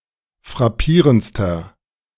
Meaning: inflection of frappierend: 1. strong/mixed nominative masculine singular superlative degree 2. strong genitive/dative feminine singular superlative degree 3. strong genitive plural superlative degree
- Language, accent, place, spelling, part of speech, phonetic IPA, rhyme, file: German, Germany, Berlin, frappierendster, adjective, [fʁaˈpiːʁənt͡stɐ], -iːʁənt͡stɐ, De-frappierendster.ogg